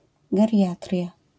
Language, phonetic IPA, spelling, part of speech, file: Polish, [ɡɛrʲˈjatrʲja], geriatria, noun, LL-Q809 (pol)-geriatria.wav